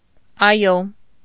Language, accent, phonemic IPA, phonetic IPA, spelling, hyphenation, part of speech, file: Armenian, Eastern Armenian, /ɑˈjo/, [ɑjó], այո, ա‧յո, particle, Hy-այո.ogg
- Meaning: yes